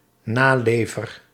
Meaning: an abider, one who observes rules etc
- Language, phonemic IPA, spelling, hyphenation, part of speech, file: Dutch, /ˈnaːˌleː.vər/, nalever, na‧le‧ver, noun, Nl-nalever.ogg